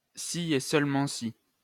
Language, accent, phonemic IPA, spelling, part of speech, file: French, France, /si e sœl.mɑ̃ si/, ssi, conjunction, LL-Q150 (fra)-ssi.wav
- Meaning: iff